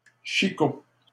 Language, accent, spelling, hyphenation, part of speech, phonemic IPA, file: French, Canada, chicot, chi‧cot, noun, /ʃi.ko/, LL-Q150 (fra)-chicot.wav
- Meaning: 1. stump, stub 2. a snag, a dead or dying tree that remains standing 3. a tooth